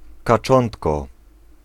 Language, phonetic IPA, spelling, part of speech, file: Polish, [kaˈt͡ʃɔ̃ntkɔ], kaczątko, noun, Pl-kaczątko.ogg